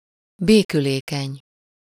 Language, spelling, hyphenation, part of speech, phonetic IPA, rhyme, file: Hungarian, békülékeny, bé‧kü‧lé‧keny, adjective, [ˈbeːkyleːkɛɲ], -ɛɲ, Hu-békülékeny.ogg
- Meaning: conciliatory, placating (willing to conciliate, or to make concessions)